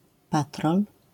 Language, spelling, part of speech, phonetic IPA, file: Polish, patrol, noun, [ˈpatrɔl], LL-Q809 (pol)-patrol.wav